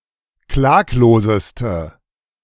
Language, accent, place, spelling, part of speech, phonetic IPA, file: German, Germany, Berlin, klagloseste, adjective, [ˈklaːkloːzəstə], De-klagloseste.ogg
- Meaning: inflection of klaglos: 1. strong/mixed nominative/accusative feminine singular superlative degree 2. strong nominative/accusative plural superlative degree